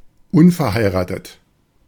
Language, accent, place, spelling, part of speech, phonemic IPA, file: German, Germany, Berlin, unverheiratet, adjective, /ˈʊnfɛɐ̯haɪ̯ʁaːtət/, De-unverheiratet.ogg
- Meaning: unmarried (having no husband or wife)